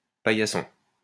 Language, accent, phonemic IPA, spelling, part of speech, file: French, France, /pa.ja.sɔ̃/, paillasson, noun, LL-Q150 (fra)-paillasson.wav
- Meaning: 1. doormat 2. pushover, submissive person accepting any humiliation